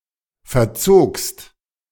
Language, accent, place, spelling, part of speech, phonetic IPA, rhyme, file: German, Germany, Berlin, verzogst, verb, [fɛɐ̯ˈt͡soːkst], -oːkst, De-verzogst.ogg
- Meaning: second-person singular preterite of verziehen